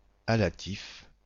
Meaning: allative, allative case
- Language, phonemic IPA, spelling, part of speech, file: French, /a.la.tif/, allatif, noun, Allatif-FR.ogg